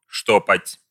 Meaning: to darn (stitch with thread)
- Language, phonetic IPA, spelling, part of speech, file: Russian, [ˈʂtopətʲ], штопать, verb, Ru-штопать.ogg